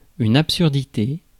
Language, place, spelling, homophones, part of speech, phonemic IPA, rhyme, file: French, Paris, absurdité, absurdités, noun, /ap.syʁ.di.te/, -e, Fr-absurdité.ogg
- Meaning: 1. absurdity; meaninglessness 2. a thing that is absurd